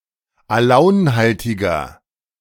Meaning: inflection of alaunhaltig: 1. strong/mixed nominative masculine singular 2. strong genitive/dative feminine singular 3. strong genitive plural
- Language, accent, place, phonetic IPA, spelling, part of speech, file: German, Germany, Berlin, [aˈlaʊ̯nˌhaltɪɡɐ], alaunhaltiger, adjective, De-alaunhaltiger.ogg